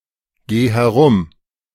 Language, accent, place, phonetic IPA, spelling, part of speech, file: German, Germany, Berlin, [ˌɡeː hɛˈʁʊm], geh herum, verb, De-geh herum.ogg
- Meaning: singular imperative of herumgehen